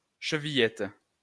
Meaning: 1. a latch hidden in a door with the tab sticking through a slot 2. an unidentified part of the locking mechanism of Little Red Riding Hood's grandmother's door
- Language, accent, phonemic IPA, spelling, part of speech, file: French, France, /ʃə.vi.jɛt/, chevillette, noun, LL-Q150 (fra)-chevillette.wav